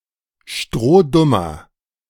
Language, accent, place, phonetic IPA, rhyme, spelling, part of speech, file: German, Germany, Berlin, [ˈʃtʁoːˈdʊmɐ], -ʊmɐ, strohdummer, adjective, De-strohdummer.ogg
- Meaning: inflection of strohdumm: 1. strong/mixed nominative masculine singular 2. strong genitive/dative feminine singular 3. strong genitive plural